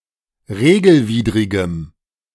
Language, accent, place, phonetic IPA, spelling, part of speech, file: German, Germany, Berlin, [ˈʁeːɡl̩ˌviːdʁɪɡəm], regelwidrigem, adjective, De-regelwidrigem.ogg
- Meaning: strong dative masculine/neuter singular of regelwidrig